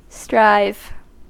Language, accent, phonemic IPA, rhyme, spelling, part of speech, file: English, US, /ˈstɹaɪv/, -aɪv, strive, verb / noun, En-us-strive.ogg
- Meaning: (verb) 1. To try to achieve a result; to make strenuous effort; to try earnestly and persistently 2. To struggle in opposition; to be in contention or dispute; to contend; to contest